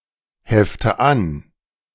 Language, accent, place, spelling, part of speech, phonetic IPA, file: German, Germany, Berlin, hefte an, verb, [ˌhɛftə ˈan], De-hefte an.ogg
- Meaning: inflection of anheften: 1. first-person singular present 2. first/third-person singular subjunctive I 3. singular imperative